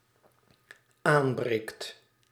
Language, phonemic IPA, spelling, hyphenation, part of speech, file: Dutch, /ˈaːmˌbreːkt/, aanbreekt, aan‧breekt, verb, Nl-aanbreekt.ogg
- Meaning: second/third-person singular dependent-clause present indicative of aanbreken